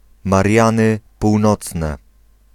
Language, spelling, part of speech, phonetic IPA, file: Polish, Mariany Północne, proper noun, [marʲˈjãnɨ puwˈnɔt͡snɛ], Pl-Mariany Północne.ogg